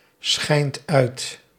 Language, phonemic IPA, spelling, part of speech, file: Dutch, /ˈsxɛint ˈœyt/, schijnt uit, verb, Nl-schijnt uit.ogg
- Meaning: inflection of uitschijnen: 1. second/third-person singular present indicative 2. plural imperative